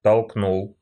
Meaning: masculine singular past indicative perfective of толкну́ть (tolknútʹ)
- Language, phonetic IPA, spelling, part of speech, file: Russian, [tɐɫkˈnuɫ], толкнул, verb, Ru-толкнул.ogg